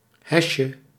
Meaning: diminutive of hes
- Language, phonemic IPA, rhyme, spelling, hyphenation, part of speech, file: Dutch, /ˈɦɛsjə/, -ɛsjə, hesje, hes‧je, noun, Nl-hesje.ogg